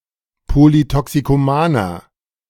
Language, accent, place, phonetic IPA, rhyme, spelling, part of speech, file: German, Germany, Berlin, [ˌpolitɔksikoˈmaːnɐ], -aːnɐ, polytoxikomaner, adjective, De-polytoxikomaner.ogg
- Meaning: inflection of polytoxikoman: 1. strong/mixed nominative masculine singular 2. strong genitive/dative feminine singular 3. strong genitive plural